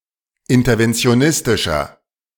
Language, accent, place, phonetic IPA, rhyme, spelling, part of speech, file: German, Germany, Berlin, [ˌɪntɐvɛnt͡si̯oˈnɪstɪʃɐ], -ɪstɪʃɐ, interventionistischer, adjective, De-interventionistischer.ogg
- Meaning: inflection of interventionistisch: 1. strong/mixed nominative masculine singular 2. strong genitive/dative feminine singular 3. strong genitive plural